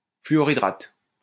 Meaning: hydrofluoride
- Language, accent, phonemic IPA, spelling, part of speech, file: French, France, /fly.ɔ.ʁi.dʁat/, fluorhydrate, noun, LL-Q150 (fra)-fluorhydrate.wav